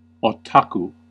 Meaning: One with an obsessive interest in something, particularly (originally derogatory) an obsessive Japanese fan of anime or manga
- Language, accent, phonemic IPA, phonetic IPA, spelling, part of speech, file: English, US, /oʊˈtɑku/, [o̞ʊ̯ˈtʰɑkʰu], otaku, noun, En-us-otaku.ogg